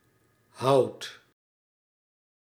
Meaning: inflection of houden: 1. second/third-person singular present indicative 2. plural imperative
- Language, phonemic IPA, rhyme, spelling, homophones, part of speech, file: Dutch, /ɦɑu̯t/, -ɑu̯t, houdt, houd / hout, verb, Nl-houdt.ogg